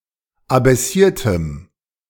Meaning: strong dative masculine/neuter singular of abaissiert
- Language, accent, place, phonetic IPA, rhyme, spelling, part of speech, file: German, Germany, Berlin, [abɛˈsiːɐ̯təm], -iːɐ̯təm, abaissiertem, adjective, De-abaissiertem.ogg